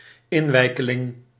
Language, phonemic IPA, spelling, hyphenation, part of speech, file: Dutch, /ˈɪnˌʋɛi̯.kə.lɪŋ/, inwijkeling, in‧wij‧ke‧ling, noun, Nl-inwijkeling.ogg
- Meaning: 1. immigrant 2. newcomer, new arrival, new resident